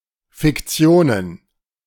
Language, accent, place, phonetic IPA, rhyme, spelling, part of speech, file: German, Germany, Berlin, [fɪkˈt͡si̯oːnən], -oːnən, Fiktionen, noun, De-Fiktionen.ogg
- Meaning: plural of Fiktion